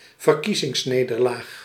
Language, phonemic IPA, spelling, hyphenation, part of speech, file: Dutch, /vərˈki.zɪŋsˌneː.dər.laːx/, verkiezingsnederlaag, ver‧kie‧zings‧ne‧der‧laag, noun, Nl-verkiezingsnederlaag.ogg
- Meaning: electoral loss, electoral defeat